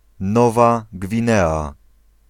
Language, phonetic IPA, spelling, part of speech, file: Polish, [ˈnɔva ɡvʲĩˈnɛa], Nowa Gwinea, proper noun, Pl-Nowa Gwinea.ogg